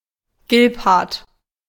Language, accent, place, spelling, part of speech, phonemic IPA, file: German, Germany, Berlin, Gilbhart, noun, /ˈɡɪlphaʁt/, De-Gilbhart.ogg
- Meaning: October